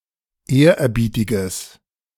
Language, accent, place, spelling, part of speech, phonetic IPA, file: German, Germany, Berlin, ehrerbietiges, adjective, [ˈeːɐ̯ʔɛɐ̯ˌbiːtɪɡəs], De-ehrerbietiges.ogg
- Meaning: strong/mixed nominative/accusative neuter singular of ehrerbietig